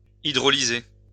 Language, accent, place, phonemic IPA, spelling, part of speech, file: French, France, Lyon, /i.dʁɔ.li.ze/, hydrolyser, verb, LL-Q150 (fra)-hydrolyser.wav
- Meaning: to hydrolyze